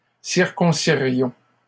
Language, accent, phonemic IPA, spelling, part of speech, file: French, Canada, /siʁ.kɔ̃.si.ʁjɔ̃/, circoncirions, verb, LL-Q150 (fra)-circoncirions.wav
- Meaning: first-person plural conditional of circoncire